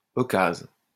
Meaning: bargain; opportunity
- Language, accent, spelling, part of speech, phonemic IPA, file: French, France, occase, noun, /ɔ.kaz/, LL-Q150 (fra)-occase.wav